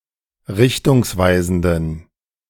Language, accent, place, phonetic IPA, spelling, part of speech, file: German, Germany, Berlin, [ˈʁɪçtʊŋsˌvaɪ̯zn̩dən], richtungsweisenden, adjective, De-richtungsweisenden.ogg
- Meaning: inflection of richtungsweisend: 1. strong genitive masculine/neuter singular 2. weak/mixed genitive/dative all-gender singular 3. strong/weak/mixed accusative masculine singular